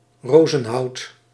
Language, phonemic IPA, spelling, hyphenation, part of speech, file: Dutch, /ˈrozə(n)ˌhɑut/, rozenhout, ro‧zen‧hout, noun, Nl-rozenhout.ogg
- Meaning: rosewood